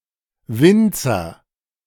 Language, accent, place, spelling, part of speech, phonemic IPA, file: German, Germany, Berlin, Winzer, noun / proper noun, /ˈvɪntsər/, De-Winzer.ogg
- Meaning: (noun) vintner, winemaker, manufacturer of wine; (proper noun) a surname originating as an occupation